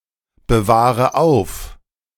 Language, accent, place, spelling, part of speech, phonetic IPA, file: German, Germany, Berlin, bewahre auf, verb, [bəˌvaːʁə ˈaʊ̯f], De-bewahre auf.ogg
- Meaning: inflection of aufbewahren: 1. first-person singular present 2. first/third-person singular subjunctive I 3. singular imperative